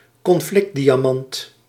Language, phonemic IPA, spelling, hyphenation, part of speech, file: Dutch, /kɔnˈflɪk(t).di.aːˌmɑnt/, conflictdiamant, con‧flict‧dia‧mant, noun, Nl-conflictdiamant.ogg
- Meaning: blood diamond